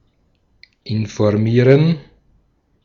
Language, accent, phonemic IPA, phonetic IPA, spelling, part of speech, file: German, Austria, /ɪnfoʁˈmiːʁən/, [ʔɪnfoʁˈmiːɐ̯n], informieren, verb, De-at-informieren.ogg
- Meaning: 1. to inform, to update 2. to read up on, to find out, to research, to look into, (rare) to inform oneself